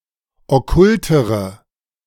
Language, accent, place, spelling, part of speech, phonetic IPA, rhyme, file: German, Germany, Berlin, okkultere, adjective, [ɔˈkʊltəʁə], -ʊltəʁə, De-okkultere.ogg
- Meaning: inflection of okkult: 1. strong/mixed nominative/accusative feminine singular comparative degree 2. strong nominative/accusative plural comparative degree